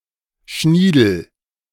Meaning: willy (the penis)
- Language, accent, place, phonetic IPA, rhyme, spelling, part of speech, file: German, Germany, Berlin, [ˈʃniːdl̩], -iːdl̩, Schniedel, noun, De-Schniedel.ogg